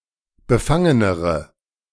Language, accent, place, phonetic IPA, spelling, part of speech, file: German, Germany, Berlin, [bəˈfaŋənəʁə], befangenere, adjective, De-befangenere.ogg
- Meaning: inflection of befangen: 1. strong/mixed nominative/accusative feminine singular comparative degree 2. strong nominative/accusative plural comparative degree